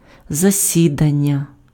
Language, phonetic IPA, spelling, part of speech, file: Ukrainian, [zɐˈsʲidɐnʲːɐ], засідання, noun, Uk-засідання.ogg
- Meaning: meeting, session